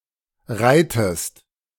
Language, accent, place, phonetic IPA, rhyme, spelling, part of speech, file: German, Germany, Berlin, [ˈʁaɪ̯təst], -aɪ̯təst, reitest, verb, De-reitest.ogg
- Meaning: inflection of reiten: 1. second-person singular present 2. second-person singular subjunctive I